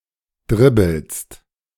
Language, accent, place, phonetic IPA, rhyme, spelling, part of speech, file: German, Germany, Berlin, [ˈdʁɪbl̩st], -ɪbl̩st, dribbelst, verb, De-dribbelst.ogg
- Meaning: second-person singular present of dribbeln